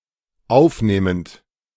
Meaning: present participle of aufnehmen
- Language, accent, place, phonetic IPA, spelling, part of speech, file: German, Germany, Berlin, [ˈaʊ̯fˌneːmənt], aufnehmend, verb, De-aufnehmend.ogg